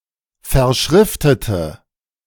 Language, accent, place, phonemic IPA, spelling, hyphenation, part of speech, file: German, Germany, Berlin, /fɛɐ̯ˈʃʁɪftətə/, verschriftete, ver‧schrif‧te‧te, verb, De-verschriftete.ogg
- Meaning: inflection of verschriften: 1. first/third-person singular preterite 2. first/third-person singular subjunctive II